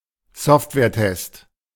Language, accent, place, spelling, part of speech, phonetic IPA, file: German, Germany, Berlin, Softwaretest, noun, [ˈsɔftvɛːɐ̯ˌtɛst], De-Softwaretest.ogg